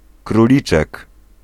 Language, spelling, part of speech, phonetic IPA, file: Polish, króliczek, noun, [kruˈlʲit͡ʃɛk], Pl-króliczek.ogg